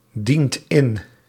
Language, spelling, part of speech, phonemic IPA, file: Dutch, dient in, verb, /ˈdint ˈɪn/, Nl-dient in.ogg
- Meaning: inflection of indienen: 1. second/third-person singular present indicative 2. plural imperative